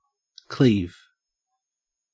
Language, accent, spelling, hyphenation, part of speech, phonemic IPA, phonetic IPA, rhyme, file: English, Australia, cleave, cleave, verb / noun, /ˈkliːv/, [ˈkʰl̥ɪi̯v], -iːv, En-au-cleave.ogg
- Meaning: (verb) To split or sever something with, or as if with, a sharp instrument